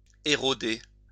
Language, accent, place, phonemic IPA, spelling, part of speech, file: French, France, Lyon, /e.ʁɔ.de/, éroder, verb, LL-Q150 (fra)-éroder.wav
- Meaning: to erode